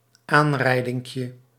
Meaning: diminutive of aanrijding
- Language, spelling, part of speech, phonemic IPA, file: Dutch, aanrijdinkje, noun, /ˈanrɛidɪŋkjə/, Nl-aanrijdinkje.ogg